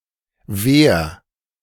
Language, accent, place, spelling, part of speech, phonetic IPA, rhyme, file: German, Germany, Berlin, wehr, verb, [veːɐ̯], -eːɐ̯, De-wehr.ogg
- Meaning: 1. singular imperative of wehren 2. first-person singular present of wehren